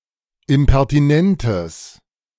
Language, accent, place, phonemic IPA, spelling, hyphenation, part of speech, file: German, Germany, Berlin, /ɪmpɛʁtiˈnɛntəs/, impertinentes, im‧per‧ti‧nen‧tes, adjective, De-impertinentes.ogg
- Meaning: strong/mixed nominative/accusative neuter singular of impertinent